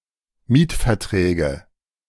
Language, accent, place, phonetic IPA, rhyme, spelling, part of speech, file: German, Germany, Berlin, [ˈmiːtfɛɐ̯tʁɛːɡə], -iːtfɛɐ̯tʁɛːɡə, Mietverträge, noun, De-Mietverträge.ogg
- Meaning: nominative/accusative/genitive plural of Mietvertrag